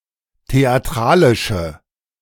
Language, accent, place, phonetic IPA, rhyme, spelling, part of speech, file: German, Germany, Berlin, [teaˈtʁaːlɪʃə], -aːlɪʃə, theatralische, adjective, De-theatralische.ogg
- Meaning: inflection of theatralisch: 1. strong/mixed nominative/accusative feminine singular 2. strong nominative/accusative plural 3. weak nominative all-gender singular